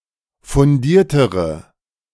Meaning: inflection of fundiert: 1. strong/mixed nominative/accusative feminine singular comparative degree 2. strong nominative/accusative plural comparative degree
- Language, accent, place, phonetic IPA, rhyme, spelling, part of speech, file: German, Germany, Berlin, [fʊnˈdiːɐ̯təʁə], -iːɐ̯təʁə, fundiertere, adjective, De-fundiertere.ogg